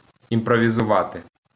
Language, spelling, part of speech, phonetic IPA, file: Ukrainian, імпровізувати, verb, [imprɔʋʲizʊˈʋate], LL-Q8798 (ukr)-імпровізувати.wav
- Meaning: to improvise